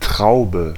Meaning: 1. grape 2. bunch of grapes 3. a large number (of people), a throng 4. raceme
- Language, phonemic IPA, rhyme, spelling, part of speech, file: German, /ˈtʁaʊ̯bə/, -aʊ̯bə, Traube, noun, De-Traube.ogg